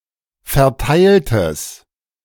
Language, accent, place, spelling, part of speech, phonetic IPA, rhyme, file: German, Germany, Berlin, verteiltes, adjective, [fɛɐ̯ˈtaɪ̯ltəs], -aɪ̯ltəs, De-verteiltes.ogg
- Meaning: strong/mixed nominative/accusative neuter singular of verteilt